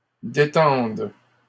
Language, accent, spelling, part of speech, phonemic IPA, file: French, Canada, détende, verb, /de.tɑ̃d/, LL-Q150 (fra)-détende.wav
- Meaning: first/third-person singular present subjunctive of détendre